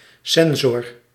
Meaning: censor
- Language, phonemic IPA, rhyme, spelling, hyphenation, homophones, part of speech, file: Dutch, /ˈsɛn.zɔr/, -ɛnzɔr, censor, cen‧sor, sensor, noun, Nl-censor.ogg